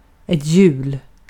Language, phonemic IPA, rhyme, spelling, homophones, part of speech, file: Swedish, /jʉːl/, -ʉːl, hjul, jul, noun, Sv-hjul.ogg
- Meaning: a wheel; a circular device capable of rotating on its axis